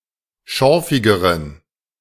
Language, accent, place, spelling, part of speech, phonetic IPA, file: German, Germany, Berlin, schorfigeren, adjective, [ˈʃɔʁfɪɡəʁən], De-schorfigeren.ogg
- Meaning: inflection of schorfig: 1. strong genitive masculine/neuter singular comparative degree 2. weak/mixed genitive/dative all-gender singular comparative degree